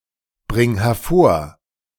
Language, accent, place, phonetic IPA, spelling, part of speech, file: German, Germany, Berlin, [ˌbʁɪŋ hɛɐ̯ˈfoːɐ̯], bring hervor, verb, De-bring hervor.ogg
- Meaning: singular imperative of hervorbringen